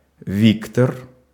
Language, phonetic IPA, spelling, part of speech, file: Russian, [ˈvʲiktər], Виктор, proper noun, Ru-Виктор.ogg
- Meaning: a male given name, Viktor, equivalent to English Victor